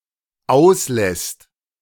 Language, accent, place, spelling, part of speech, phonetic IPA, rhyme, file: German, Germany, Berlin, auslässt, verb, [ˈaʊ̯sˌlɛst], -aʊ̯slɛst, De-auslässt.ogg
- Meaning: second/third-person singular dependent present of auslassen